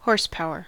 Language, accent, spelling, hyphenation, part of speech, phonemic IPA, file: English, US, horsepower, horse‧power, noun, /ˈhɔɹsˌpaʊɚ/, En-us-horsepower.ogg
- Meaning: 1. Power derived from the motion of a horse 2. A nonmetric unit of power with various definitions, commonly the mechanical horsepower, approximately equal to 745.7 watts